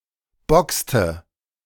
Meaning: inflection of boxen: 1. first/third-person singular preterite 2. first/third-person singular subjunctive II
- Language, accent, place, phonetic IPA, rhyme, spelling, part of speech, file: German, Germany, Berlin, [ˈbɔkstə], -ɔkstə, boxte, verb, De-boxte.ogg